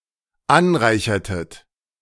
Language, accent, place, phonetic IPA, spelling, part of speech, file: German, Germany, Berlin, [ˈanˌʁaɪ̯çɐtət], anreichertet, verb, De-anreichertet.ogg
- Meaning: inflection of anreichern: 1. second-person plural dependent preterite 2. second-person plural dependent subjunctive II